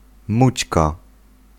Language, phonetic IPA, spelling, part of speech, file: Polish, [ˈmut͡ɕka], mućka, noun, Pl-mućka.ogg